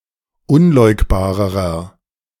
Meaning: inflection of unleugbar: 1. strong/mixed nominative masculine singular comparative degree 2. strong genitive/dative feminine singular comparative degree 3. strong genitive plural comparative degree
- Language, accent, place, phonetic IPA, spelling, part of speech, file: German, Germany, Berlin, [ˈʊnˌlɔɪ̯kbaːʁəʁɐ], unleugbarerer, adjective, De-unleugbarerer.ogg